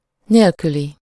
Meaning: without, -less, devoid of
- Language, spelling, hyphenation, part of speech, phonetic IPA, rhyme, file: Hungarian, nélküli, nél‧kü‧li, adjective, [ˈneːlkyli], -li, Hu-nélküli.ogg